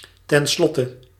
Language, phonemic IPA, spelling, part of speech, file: Dutch, /tɛnˈslɔtə/, tenslotte, adverb, Nl-tenslotte.ogg
- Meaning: in the end, finally, in conclusion, after all